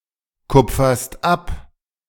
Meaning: second-person singular present of abkupfern
- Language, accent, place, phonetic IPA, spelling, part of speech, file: German, Germany, Berlin, [ˌkʊp͡fɐst ˈap], kupferst ab, verb, De-kupferst ab.ogg